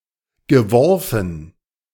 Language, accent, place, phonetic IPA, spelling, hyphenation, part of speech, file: German, Germany, Berlin, [ɡəˈvɔʁfn̩], geworfen, ge‧wor‧fen, verb / adjective, De-geworfen.ogg
- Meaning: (verb) past participle of werfen; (adjective) tossed, thrown